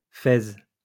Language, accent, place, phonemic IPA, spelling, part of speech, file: French, France, Lyon, /fɛz/, fez, noun, LL-Q150 (fra)-fez.wav
- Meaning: fez